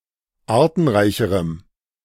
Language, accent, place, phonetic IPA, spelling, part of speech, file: German, Germany, Berlin, [ˈaːɐ̯tn̩ˌʁaɪ̯çəʁəm], artenreicherem, adjective, De-artenreicherem.ogg
- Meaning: strong dative masculine/neuter singular comparative degree of artenreich